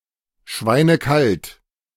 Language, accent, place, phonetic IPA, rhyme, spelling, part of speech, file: German, Germany, Berlin, [ˈʃvaɪ̯nəˈkalt], -alt, schweinekalt, adjective, De-schweinekalt.ogg
- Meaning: very cold